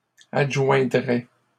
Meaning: third-person plural conditional of adjoindre
- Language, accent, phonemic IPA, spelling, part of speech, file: French, Canada, /ad.ʒwɛ̃.dʁɛ/, adjoindraient, verb, LL-Q150 (fra)-adjoindraient.wav